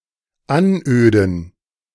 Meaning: 1. to bore 2. to annoy (through speaking)
- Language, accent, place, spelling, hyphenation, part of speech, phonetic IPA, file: German, Germany, Berlin, anöden, an‧öden, verb, [ˈanˌʔøːdn̩], De-anöden.ogg